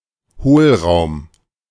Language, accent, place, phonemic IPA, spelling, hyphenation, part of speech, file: German, Germany, Berlin, /ˈhoːlˌʁaʊ̯m/, Hohlraum, Hohl‧raum, noun, De-Hohlraum.ogg
- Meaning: 1. cavity 2. void, hollow